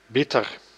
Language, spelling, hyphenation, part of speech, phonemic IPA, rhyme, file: Dutch, bitter, bit‧ter, adjective / noun, /ˈbɪtər/, -ɪtər, Nl-bitter.ogg
- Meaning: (adjective) 1. bitter (having an acrid taste) 2. bitter, embittered